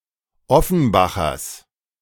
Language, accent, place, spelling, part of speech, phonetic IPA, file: German, Germany, Berlin, Offenbachers, noun, [ˈɔfn̩ˌbaxɐs], De-Offenbachers.ogg
- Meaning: genitive singular of Offenbacher